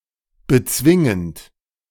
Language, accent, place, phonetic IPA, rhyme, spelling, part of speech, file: German, Germany, Berlin, [bəˈt͡svɪŋənt], -ɪŋənt, bezwingend, verb, De-bezwingend.ogg
- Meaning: present participle of bezwingen